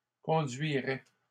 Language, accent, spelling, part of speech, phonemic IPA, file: French, Canada, conduirais, verb, /kɔ̃.dɥi.ʁɛ/, LL-Q150 (fra)-conduirais.wav
- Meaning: first/second-person singular conditional of conduire